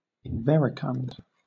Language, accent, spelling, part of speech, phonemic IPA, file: English, Southern England, inverecund, adjective, /ɪnˈvɛɹɪkʌnd/, LL-Q1860 (eng)-inverecund.wav
- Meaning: Immodest; shameless